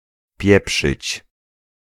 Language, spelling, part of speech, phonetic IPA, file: Polish, pieprzyć, verb, [ˈpʲjɛpʃɨt͡ɕ], Pl-pieprzyć.ogg